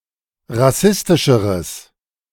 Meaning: strong/mixed nominative/accusative neuter singular comparative degree of rassistisch
- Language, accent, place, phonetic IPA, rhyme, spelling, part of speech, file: German, Germany, Berlin, [ʁaˈsɪstɪʃəʁəs], -ɪstɪʃəʁəs, rassistischeres, adjective, De-rassistischeres.ogg